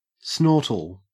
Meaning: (verb) To give a hearty laugh that is punctuated by a snort on the inhale; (noun) A hearty laugh that is punctuated by a snort on the inhale
- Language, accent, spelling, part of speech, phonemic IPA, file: English, Australia, snortle, verb / noun, /ˈsnɔɹtəl/, En-au-snortle.ogg